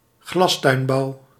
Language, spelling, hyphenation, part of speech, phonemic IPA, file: Dutch, glastuinbouw, glas‧tuin‧bouw, noun, /ˈɣlɑs.tœy̯nˌbɑu̯/, Nl-glastuinbouw.ogg
- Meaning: greenhouse agriculture